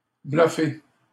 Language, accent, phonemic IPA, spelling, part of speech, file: French, Canada, /blœ.fe/, bluffer, verb, LL-Q150 (fra)-bluffer.wav
- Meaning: 1. to bluff 2. to surprise